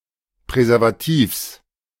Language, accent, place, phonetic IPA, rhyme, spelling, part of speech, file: German, Germany, Berlin, [pʁɛzɛʁvaˈtiːfs], -iːfs, Präservativs, noun, De-Präservativs.ogg
- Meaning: genitive singular of Präservativ